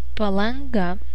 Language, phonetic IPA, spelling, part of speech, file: Lithuanian, [pɐlɐŋˈɡɐ], Palanga, proper noun, Palanga.ogg
- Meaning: Palanga (a city and municipality of Klaipėda, Lithuania)